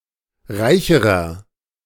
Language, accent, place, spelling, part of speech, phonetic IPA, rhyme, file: German, Germany, Berlin, reicherer, adjective, [ˈʁaɪ̯çəʁɐ], -aɪ̯çəʁɐ, De-reicherer.ogg
- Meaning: inflection of reich: 1. strong/mixed nominative masculine singular comparative degree 2. strong genitive/dative feminine singular comparative degree 3. strong genitive plural comparative degree